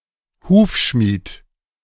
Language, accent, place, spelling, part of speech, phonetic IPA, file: German, Germany, Berlin, Hufschmied, noun, [ˈhuːfˌʃmiːt], De-Hufschmied.ogg
- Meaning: blacksmith; farrier (male or of unspecified gender)